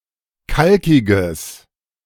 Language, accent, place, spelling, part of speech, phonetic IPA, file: German, Germany, Berlin, kalkiges, adjective, [ˈkalkɪɡəs], De-kalkiges.ogg
- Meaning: strong/mixed nominative/accusative neuter singular of kalkig